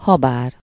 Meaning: although, albeit, whereas
- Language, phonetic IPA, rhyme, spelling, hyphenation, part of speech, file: Hungarian, [ˈhɒbaːr], -aːr, habár, ha‧bár, conjunction, Hu-habár.ogg